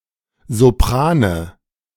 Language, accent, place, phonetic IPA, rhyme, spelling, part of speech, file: German, Germany, Berlin, [zoˈpʁaːnə], -aːnə, Soprane, noun, De-Soprane.ogg
- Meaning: nominative/accusative/genitive plural of Sopran